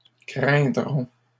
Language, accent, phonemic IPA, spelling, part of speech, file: French, Canada, /kʁɛ̃.dʁɔ̃/, craindront, verb, LL-Q150 (fra)-craindront.wav
- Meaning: third-person plural future of craindre